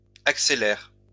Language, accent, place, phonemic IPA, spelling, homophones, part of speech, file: French, France, Lyon, /ak.se.lɛʁ/, accélère, accélèrent / accélères, verb, LL-Q150 (fra)-accélère.wav
- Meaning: inflection of accélérer: 1. first/third-person singular present indicative/subjunctive 2. second-person singular imperative